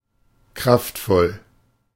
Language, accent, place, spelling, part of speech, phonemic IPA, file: German, Germany, Berlin, kraftvoll, adjective, /ˈkʁaftˌfɔl/, De-kraftvoll.ogg
- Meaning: powerful, vigorous